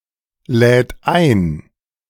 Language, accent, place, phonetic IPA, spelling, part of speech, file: German, Germany, Berlin, [ˌlɛːt ˈaɪ̯n], lädt ein, verb, De-lädt ein.ogg
- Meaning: third-person singular present of einladen